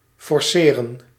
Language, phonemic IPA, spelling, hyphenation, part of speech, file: Dutch, /ˌfɔrˈseː.rə(n)/, forceren, for‧ce‧ren, verb, Nl-forceren.ogg
- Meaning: to force: 1. to coerce, to induce, to persuade 2. to strain